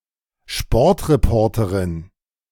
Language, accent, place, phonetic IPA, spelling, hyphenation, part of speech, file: German, Germany, Berlin, [ˈʃpɔɐ̯tʁeˈpʰɔɐ̯tʰɐʁɪn], Sportreporterin, Sport‧re‧por‧te‧rin, noun, De-Sportreporterin.ogg
- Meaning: female equivalent of Sportreporter